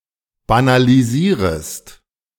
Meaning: second-person singular subjunctive I of banalisieren
- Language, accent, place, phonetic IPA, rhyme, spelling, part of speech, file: German, Germany, Berlin, [banaliˈziːʁəst], -iːʁəst, banalisierest, verb, De-banalisierest.ogg